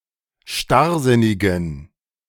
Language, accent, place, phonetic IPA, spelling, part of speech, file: German, Germany, Berlin, [ˈʃtaʁˌzɪnɪɡn̩], starrsinnigen, adjective, De-starrsinnigen.ogg
- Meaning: inflection of starrsinnig: 1. strong genitive masculine/neuter singular 2. weak/mixed genitive/dative all-gender singular 3. strong/weak/mixed accusative masculine singular 4. strong dative plural